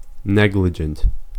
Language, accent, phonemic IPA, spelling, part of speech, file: English, US, /ˈnɛɡ.lɪ.d͡ʒənt/, negligent, adjective, En-us-negligent.ogg
- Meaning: 1. Careless or inattentive 2. Culpable due to negligence